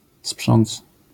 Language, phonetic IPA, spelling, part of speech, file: Polish, [spʃɔ̃nt͡s], sprząc, verb, LL-Q809 (pol)-sprząc.wav